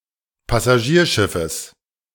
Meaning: genitive singular of Passagierschiff
- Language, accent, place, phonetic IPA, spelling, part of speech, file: German, Germany, Berlin, [pasaˈʒiːɐ̯ˌʃɪfəs], Passagierschiffes, noun, De-Passagierschiffes.ogg